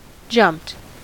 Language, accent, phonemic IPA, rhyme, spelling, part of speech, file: English, US, /d͡ʒʌmpt/, -ʌmpt, jumped, verb, En-us-jumped.ogg
- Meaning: simple past and past participle of jump